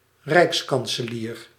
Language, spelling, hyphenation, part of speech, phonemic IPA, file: Dutch, rijkskanselier, rijks‧kan‧se‧lier, noun, /ˈrɛi̯ks.kɑn.səˌliːr/, Nl-rijkskanselier.ogg